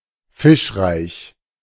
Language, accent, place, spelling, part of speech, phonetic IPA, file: German, Germany, Berlin, fischreich, adjective, [ˈfɪʃˌʁaɪ̯ç], De-fischreich.ogg
- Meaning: fish-filled, fishful (abounding in fish, full of fish)